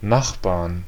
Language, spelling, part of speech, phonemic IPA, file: German, Nachbarn, noun, /ˈnaχbaːɐ̯n/, De-Nachbarn.ogg
- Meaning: inflection of Nachbar: 1. genitive/dative/accusative singular 2. plural